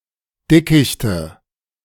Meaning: nominative/accusative/genitive plural of Dickicht
- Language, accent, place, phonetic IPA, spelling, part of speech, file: German, Germany, Berlin, [ˈdɪkɪçtə], Dickichte, noun, De-Dickichte.ogg